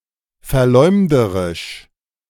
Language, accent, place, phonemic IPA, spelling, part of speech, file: German, Germany, Berlin, /fɛɐ̯ˈlɔɪ̯mdəʁɪʃ/, verleumderisch, adjective, De-verleumderisch.ogg
- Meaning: defamatory, slanderous, libelous